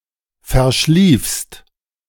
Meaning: second-person singular present of verschlafen
- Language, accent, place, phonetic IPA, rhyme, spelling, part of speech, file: German, Germany, Berlin, [fɛɐ̯ˈʃliːfst], -iːfst, verschliefst, verb, De-verschliefst.ogg